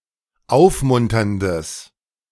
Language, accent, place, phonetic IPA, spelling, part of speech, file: German, Germany, Berlin, [ˈaʊ̯fˌmʊntɐndəs], aufmunterndes, adjective, De-aufmunterndes.ogg
- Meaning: strong/mixed nominative/accusative neuter singular of aufmunternd